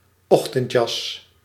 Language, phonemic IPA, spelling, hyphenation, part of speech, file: Dutch, /ˈɔx.təntˌjɑs/, ochtendjas, och‧tend‧jas, noun, Nl-ochtendjas.ogg
- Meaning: dressing gown, bathrobe